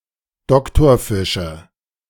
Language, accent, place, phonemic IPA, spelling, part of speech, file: German, Germany, Berlin, /ˈdɔktɔɐ̯fɪʃə/, Doktorfische, noun, De-Doktorfische.ogg
- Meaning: 1. nominative/accusative/genitive plural of Doktorfisch 2. dative singular of Doktorfisch